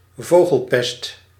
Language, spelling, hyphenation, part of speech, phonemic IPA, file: Dutch, vogelpest, vo‧gel‧pest, noun, /ˈvoː.ɣəlˌpɛst/, Nl-vogelpest.ogg
- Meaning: bird flu